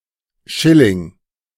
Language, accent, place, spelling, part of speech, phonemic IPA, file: German, Germany, Berlin, Schilling, noun, /ˈʃɪlɪŋ/, De-Schilling.ogg
- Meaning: 1. schilling (Austrian pre-Euro currency) 2. shilling